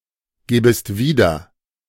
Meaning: second-person singular subjunctive I of wiedergeben
- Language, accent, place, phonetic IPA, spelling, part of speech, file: German, Germany, Berlin, [ˌɡeːbəst ˈviːdɐ], gebest wieder, verb, De-gebest wieder.ogg